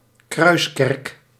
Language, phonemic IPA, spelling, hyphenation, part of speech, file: Dutch, /ˈkrœy̯s.kɛrk/, kruiskerk, kruis‧kerk, noun, Nl-kruiskerk.ogg
- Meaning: a church with a cross-shaped (either a Latin or Greek cross) plan, a cruciform church